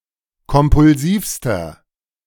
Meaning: inflection of kompulsiv: 1. strong/mixed nominative masculine singular superlative degree 2. strong genitive/dative feminine singular superlative degree 3. strong genitive plural superlative degree
- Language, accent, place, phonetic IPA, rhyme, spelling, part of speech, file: German, Germany, Berlin, [kɔmpʊlˈziːfstɐ], -iːfstɐ, kompulsivster, adjective, De-kompulsivster.ogg